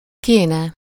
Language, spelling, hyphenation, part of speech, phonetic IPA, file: Hungarian, kéne, ké‧ne, verb, [ˈkeːnɛ], Hu-kéne.ogg
- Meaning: third-person singular conditional of kell